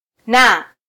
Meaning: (conjunction) and; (preposition) 1. with 2. by; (verb) present stem of -wa na (“to have”)
- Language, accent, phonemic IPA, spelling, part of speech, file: Swahili, Kenya, /nɑ/, na, conjunction / preposition / verb, Sw-ke-na.flac